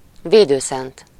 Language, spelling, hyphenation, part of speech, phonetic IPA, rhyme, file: Hungarian, védőszent, vé‧dő‧szent, noun, [ˈveːdøːsɛnt], -ɛnt, Hu-védőszent.ogg
- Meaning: patron saint